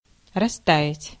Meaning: 1. to melt, to thaw 2. to melt away, to wane, to dwindle 3. to melt (with)
- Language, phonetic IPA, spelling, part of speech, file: Russian, [rɐˈsta(j)ɪtʲ], растаять, verb, Ru-растаять.ogg